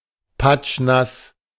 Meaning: soaked, soaking wet
- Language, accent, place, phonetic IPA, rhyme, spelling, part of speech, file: German, Germany, Berlin, [ˈpat͡ʃˈnas], -as, patschnass, adjective, De-patschnass.ogg